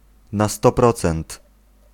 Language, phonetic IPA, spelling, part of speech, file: Polish, [na‿ˈstɔ ˈprɔt͡sɛ̃nt], na sto procent, adverbial phrase, Pl-na sto procent.ogg